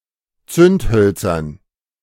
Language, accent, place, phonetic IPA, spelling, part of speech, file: German, Germany, Berlin, [ˈt͡sʏntˌhœlt͡sɐn], Zündhölzern, noun, De-Zündhölzern.ogg
- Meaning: dative plural of Zündholz